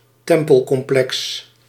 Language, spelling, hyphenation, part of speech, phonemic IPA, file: Dutch, tempelcomplex, tem‧pel‧com‧plex, noun, /ˈtɛm.pəl.kɔmˌplɛks/, Nl-tempelcomplex.ogg
- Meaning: temple complex (expansive temple precinct, often including several temples, shrines, etc.)